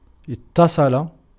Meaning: 1. to be in contact with; to be connected with, to be associated with 2. to make contact with, to communicate with, to call (on the telephone) 3. to come to the point that
- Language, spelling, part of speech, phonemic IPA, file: Arabic, اتصل, verb, /it.ta.sˤa.la/, Ar-اتصل.ogg